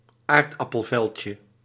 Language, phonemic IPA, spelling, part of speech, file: Dutch, /ˈardɑpəlvɛlcə/, aardappelveldje, noun, Nl-aardappelveldje.ogg
- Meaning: diminutive of aardappelveld